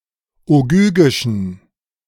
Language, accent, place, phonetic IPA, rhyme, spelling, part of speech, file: German, Germany, Berlin, [oˈɡyːɡɪʃn̩], -yːɡɪʃn̩, ogygischen, adjective, De-ogygischen.ogg
- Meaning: inflection of ogygisch: 1. strong genitive masculine/neuter singular 2. weak/mixed genitive/dative all-gender singular 3. strong/weak/mixed accusative masculine singular 4. strong dative plural